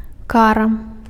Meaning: penalty, punishment, retribution
- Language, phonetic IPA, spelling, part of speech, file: Belarusian, [ˈkara], кара, noun, Be-кара.ogg